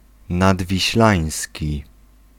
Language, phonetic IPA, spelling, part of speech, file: Polish, [ˌnadvʲiɕˈlãj̃sʲci], nadwiślański, adjective, Pl-nadwiślański.ogg